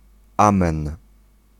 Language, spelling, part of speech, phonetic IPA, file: Polish, amen, interjection, [ˈãmɛ̃n], Pl-amen.ogg